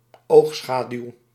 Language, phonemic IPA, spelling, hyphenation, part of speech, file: Dutch, /ˈoxsxadyw/, oogschaduw, oog‧scha‧duw, noun, Nl-oogschaduw.ogg
- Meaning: eyeshadow